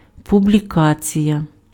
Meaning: publication
- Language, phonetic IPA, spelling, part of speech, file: Ukrainian, [pʊblʲiˈkat͡sʲijɐ], публікація, noun, Uk-публікація.ogg